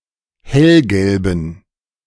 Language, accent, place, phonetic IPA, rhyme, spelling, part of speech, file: German, Germany, Berlin, [ˈhɛlɡɛlbn̩], -ɛlɡɛlbn̩, hellgelben, adjective, De-hellgelben.ogg
- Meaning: inflection of hellgelb: 1. strong genitive masculine/neuter singular 2. weak/mixed genitive/dative all-gender singular 3. strong/weak/mixed accusative masculine singular 4. strong dative plural